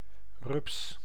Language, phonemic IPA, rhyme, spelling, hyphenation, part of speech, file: Dutch, /rʏps/, -ʏps, rups, rups, noun, Nl-rups.ogg
- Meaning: 1. a caterpillar, the larva of a butterfly 2. caterpillar, metal alternative for a tire